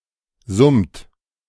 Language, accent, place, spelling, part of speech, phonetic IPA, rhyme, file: German, Germany, Berlin, summt, verb, [zʊmt], -ʊmt, De-summt.ogg
- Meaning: inflection of summen: 1. third-person singular present 2. second-person plural present 3. plural imperative